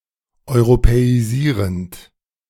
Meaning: present participle of europäisieren
- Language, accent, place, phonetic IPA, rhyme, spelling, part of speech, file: German, Germany, Berlin, [ɔɪ̯ʁopɛiˈziːʁənt], -iːʁənt, europäisierend, verb, De-europäisierend.ogg